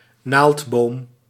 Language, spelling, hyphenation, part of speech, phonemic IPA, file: Dutch, naaldboom, naald‧boom, noun, /ˈnaːlt.boːm/, Nl-naaldboom.ogg
- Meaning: a conifer, tree of the order Coniferales